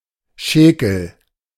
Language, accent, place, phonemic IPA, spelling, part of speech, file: German, Germany, Berlin, /ʃɛːkl̩/, Schäkel, noun, De-Schäkel.ogg
- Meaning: shackle, clevis